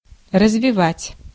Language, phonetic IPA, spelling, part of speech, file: Russian, [rəzvʲɪˈvatʲ], развивать, verb, Ru-развивать.ogg
- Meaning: 1. to develop, to evolve, to advance 2. to untwist, to unwind